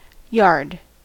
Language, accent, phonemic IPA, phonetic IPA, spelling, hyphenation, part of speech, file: English, US, /ˈjɑɹd/, [ˈjɑɹd], yard, yard, noun / verb, En-us-yard.ogg
- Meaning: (noun) 1. A small, usually uncultivated area adjoining or (now especially) within the precincts of a house or other building 2. The property surrounding one's house, typically dominated by one's lawn